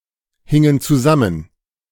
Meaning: inflection of zusammenhängen: 1. first/third-person plural preterite 2. first/third-person plural subjunctive II
- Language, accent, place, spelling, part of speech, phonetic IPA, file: German, Germany, Berlin, hingen zusammen, verb, [ˌhɪŋən t͡suˈzamən], De-hingen zusammen.ogg